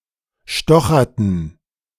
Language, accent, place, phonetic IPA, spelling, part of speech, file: German, Germany, Berlin, [ˈʃtɔxɐtn̩], stocherten, verb, De-stocherten.ogg
- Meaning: inflection of stochern: 1. first/third-person plural preterite 2. first/third-person plural subjunctive II